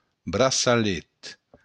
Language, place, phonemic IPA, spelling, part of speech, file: Occitan, Béarn, /bɾa.sa.ˈlet/, braçalet, noun, LL-Q14185 (oci)-braçalet.wav
- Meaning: bracelet